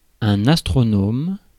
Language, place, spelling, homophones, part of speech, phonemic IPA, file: French, Paris, astronome, astronomes, noun, /as.tʁɔ.nɔm/, Fr-astronome.ogg
- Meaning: astronomer (one who studies astronomy)